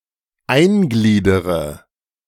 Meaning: inflection of eingliedern: 1. first-person singular present 2. first-person plural subjunctive I 3. third-person singular subjunctive I 4. singular imperative
- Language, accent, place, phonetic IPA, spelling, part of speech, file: German, Germany, Berlin, [ˈaɪ̯nˌɡliːdəʁə], eingliedere, verb, De-eingliedere.ogg